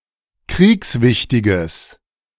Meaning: strong/mixed nominative/accusative neuter singular of kriegswichtig
- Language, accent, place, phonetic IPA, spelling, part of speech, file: German, Germany, Berlin, [ˈkʁiːksˌvɪçtɪɡəs], kriegswichtiges, adjective, De-kriegswichtiges.ogg